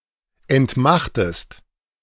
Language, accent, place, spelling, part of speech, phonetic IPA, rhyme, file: German, Germany, Berlin, entmachtest, verb, [ɛntˈmaxtəst], -axtəst, De-entmachtest.ogg
- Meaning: inflection of entmachten: 1. second-person singular present 2. second-person singular subjunctive I